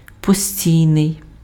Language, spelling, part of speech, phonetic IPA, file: Ukrainian, постійний, adjective, [poˈsʲtʲii̯nei̯], Uk-постійний.ogg
- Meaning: 1. permanent 2. constant, continual, persistent, perpetual